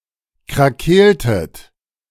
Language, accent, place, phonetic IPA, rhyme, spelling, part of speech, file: German, Germany, Berlin, [kʁaˈkeːltət], -eːltət, krakeeltet, verb, De-krakeeltet.ogg
- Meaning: inflection of krakeelen: 1. second-person plural preterite 2. second-person plural subjunctive II